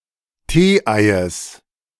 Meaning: genitive singular of Tee-Ei
- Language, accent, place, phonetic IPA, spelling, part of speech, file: German, Germany, Berlin, [ˈteːˌʔaɪ̯əs], Tee-Eies, noun, De-Tee-Eies.ogg